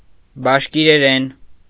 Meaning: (noun) Bashkir (language); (adverb) in Bashkir; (adjective) Bashkir (of or pertaining to the language)
- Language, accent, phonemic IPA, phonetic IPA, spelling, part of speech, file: Armenian, Eastern Armenian, /bɑʃkiɾeˈɾen/, [bɑʃkiɾeɾén], բաշկիրերեն, noun / adverb / adjective, Hy-բաշկիրերեն.ogg